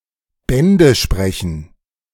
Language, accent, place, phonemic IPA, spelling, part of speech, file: German, Germany, Berlin, /ˈbɛndə ˈʃpʁɛçn̩/, Bände sprechen, verb, De-Bände sprechen.ogg
- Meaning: to speak volumes, to say it all